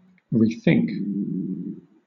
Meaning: To think again about something, with the intention of changing or replacing it
- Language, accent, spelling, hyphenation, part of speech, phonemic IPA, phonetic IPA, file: English, Southern England, rethink, re‧think, verb, /ɹiːˈθɪŋk/, [ɹʷɪi̯ˈθɪŋk], LL-Q1860 (eng)-rethink.wav